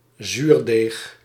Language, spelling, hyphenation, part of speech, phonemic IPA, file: Dutch, zuurdeeg, zuur‧deeg, noun, /ˈzyːr.deːx/, Nl-zuurdeeg.ogg
- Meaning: sourdough